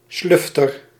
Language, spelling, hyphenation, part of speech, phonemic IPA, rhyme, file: Dutch, slufter, sluf‧ter, noun, /ˈslʏf.tər/, -ʏftər, Nl-slufter.ogg
- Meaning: tidal dune inlet (coastal valley located behind (former) dunes where sea water can enter at exceptionally high tides)